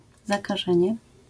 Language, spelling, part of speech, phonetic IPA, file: Polish, zakażenie, noun, [ˌzakaˈʒɛ̃ɲɛ], LL-Q809 (pol)-zakażenie.wav